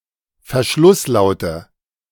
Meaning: nominative/accusative/genitive plural of Verschlusslaut
- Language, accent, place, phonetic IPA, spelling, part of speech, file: German, Germany, Berlin, [fɛɐ̯ˈʃlʊsˌlaʊ̯tə], Verschlusslaute, noun, De-Verschlusslaute.ogg